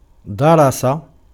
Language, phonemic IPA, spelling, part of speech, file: Arabic, /da.ra.sa/, درس, verb, Ar-درس.ogg
- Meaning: 1. to erase, to efface, to obliterate, to wipe out, to make hard to see 2. to thresh, to flail 3. to study, to learn